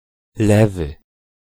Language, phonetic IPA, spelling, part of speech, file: Polish, [ˈlɛvɨ], lewy, adjective, Pl-lewy.ogg